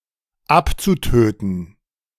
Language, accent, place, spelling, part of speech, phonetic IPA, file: German, Germany, Berlin, abzutöten, verb, [ˈapt͡suˌtøːtn̩], De-abzutöten.ogg
- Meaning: zu-infinitive of abtöten